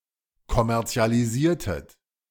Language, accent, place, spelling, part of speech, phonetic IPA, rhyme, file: German, Germany, Berlin, kommerzialisiertet, verb, [kɔmɛʁt͡si̯aliˈziːɐ̯tət], -iːɐ̯tət, De-kommerzialisiertet.ogg
- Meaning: inflection of kommerzialisieren: 1. second-person plural preterite 2. second-person plural subjunctive II